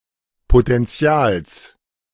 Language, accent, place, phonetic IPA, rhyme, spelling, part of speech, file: German, Germany, Berlin, [potɛnˈt͡si̯aːls], -aːls, Potentials, noun, De-Potentials.ogg
- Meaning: genitive singular of Potential